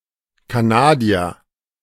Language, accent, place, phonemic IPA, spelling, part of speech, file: German, Germany, Berlin, /kaˈnaːdi̯ɐ/, Kanadier, noun, De-Kanadier.ogg
- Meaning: 1. Canadian (person from Canada) 2. Canadian canoe, canoe